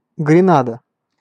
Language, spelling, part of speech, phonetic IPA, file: Russian, Гренада, proper noun, [ɡrʲɪˈnadə], Ru-Гренада.ogg
- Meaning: Grenada (an island and country in the Caribbean)